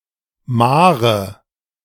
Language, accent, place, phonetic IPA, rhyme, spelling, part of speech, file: German, Germany, Berlin, [ˈmaːʁə], -aːʁə, Mahre, noun, De-Mahre.ogg
- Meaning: 1. nominative/accusative/genitive plural of Mahr 2. dative singular of Mahr